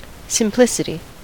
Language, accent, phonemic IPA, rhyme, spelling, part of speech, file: English, US, /sɪmˈplɪsɪti/, -ɪsɪti, simplicity, noun, En-us-simplicity.ogg
- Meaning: 1. The state or quality of being simple 2. The state or quality of being simple: The quality or state of being unmixed or uncompounded